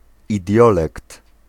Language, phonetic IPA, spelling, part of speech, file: Polish, [iˈdʲjɔlɛkt], idiolekt, noun, Pl-idiolekt.ogg